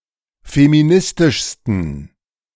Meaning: 1. superlative degree of feministisch 2. inflection of feministisch: strong genitive masculine/neuter singular superlative degree
- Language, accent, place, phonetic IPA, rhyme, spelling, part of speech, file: German, Germany, Berlin, [femiˈnɪstɪʃstn̩], -ɪstɪʃstn̩, feministischsten, adjective, De-feministischsten.ogg